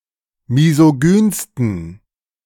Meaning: 1. superlative degree of misogyn 2. inflection of misogyn: strong genitive masculine/neuter singular superlative degree
- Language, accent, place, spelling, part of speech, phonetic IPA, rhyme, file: German, Germany, Berlin, misogynsten, adjective, [mizoˈɡyːnstn̩], -yːnstn̩, De-misogynsten.ogg